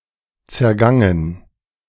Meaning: past participle of zergehen
- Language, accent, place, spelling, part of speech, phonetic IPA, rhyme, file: German, Germany, Berlin, zergangen, verb, [t͡sɛɐ̯ˈɡaŋən], -aŋən, De-zergangen.ogg